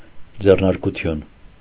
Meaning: enterprise, business, firm
- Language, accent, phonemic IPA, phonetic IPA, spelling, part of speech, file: Armenian, Eastern Armenian, /d͡zernɑɾkuˈtʰjun/, [d͡zernɑɾkut͡sʰjún], ձեռնարկություն, noun, Hy-ձեռնարկություն.ogg